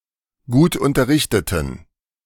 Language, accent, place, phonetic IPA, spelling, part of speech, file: German, Germany, Berlin, [ˈɡuːtʔʊntɐˌʁɪçtətn̩], gutunterrichteten, adjective, De-gutunterrichteten.ogg
- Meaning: inflection of gutunterrichtet: 1. strong genitive masculine/neuter singular 2. weak/mixed genitive/dative all-gender singular 3. strong/weak/mixed accusative masculine singular 4. strong dative plural